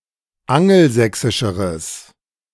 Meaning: strong/mixed nominative/accusative neuter singular comparative degree of angelsächsisch
- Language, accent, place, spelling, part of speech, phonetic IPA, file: German, Germany, Berlin, angelsächsischeres, adjective, [ˈaŋl̩ˌzɛksɪʃəʁəs], De-angelsächsischeres.ogg